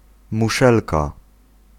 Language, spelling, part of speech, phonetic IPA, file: Polish, muszelka, noun, [muˈʃɛlka], Pl-muszelka.ogg